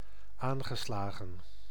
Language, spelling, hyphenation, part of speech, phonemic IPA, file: Dutch, aangeslagen, aan‧ge‧sla‧gen, adjective / verb, /ˈaːn.ɣəˌslaː.ɣə(n)/, Nl-aangeslagen.ogg
- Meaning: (adjective) 1. shaken, affected 2. excited, in a higher state of energy; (verb) past participle of aanslaan